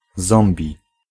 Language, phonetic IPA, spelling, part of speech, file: Polish, [ˈzɔ̃mbʲi], zombi, noun, Pl-zombi.ogg